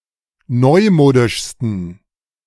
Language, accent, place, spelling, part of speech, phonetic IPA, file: German, Germany, Berlin, neumodischsten, adjective, [ˈnɔɪ̯ˌmoːdɪʃstn̩], De-neumodischsten.ogg
- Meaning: 1. superlative degree of neumodisch 2. inflection of neumodisch: strong genitive masculine/neuter singular superlative degree